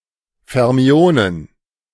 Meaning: plural of Fermion
- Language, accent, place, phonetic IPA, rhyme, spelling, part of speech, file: German, Germany, Berlin, [fɛʁˈmi̯oːnən], -oːnən, Fermionen, noun, De-Fermionen.ogg